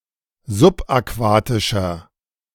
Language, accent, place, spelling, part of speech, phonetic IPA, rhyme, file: German, Germany, Berlin, subaquatischer, adjective, [zʊpʔaˈkvaːtɪʃɐ], -aːtɪʃɐ, De-subaquatischer.ogg
- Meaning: inflection of subaquatisch: 1. strong/mixed nominative masculine singular 2. strong genitive/dative feminine singular 3. strong genitive plural